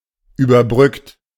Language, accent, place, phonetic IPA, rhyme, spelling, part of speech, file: German, Germany, Berlin, [yːbɐˈbʁʏkt], -ʏkt, überbrückt, verb, De-überbrückt.ogg
- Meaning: 1. past participle of überbrücken 2. inflection of überbrücken: second-person plural present 3. inflection of überbrücken: third-person singular present 4. inflection of überbrücken: plural imperative